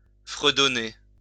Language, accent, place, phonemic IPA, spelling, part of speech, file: French, France, Lyon, /fʁə.dɔ.ne/, fredonner, verb, LL-Q150 (fra)-fredonner.wav
- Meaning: to hum (to make sound with lips closed)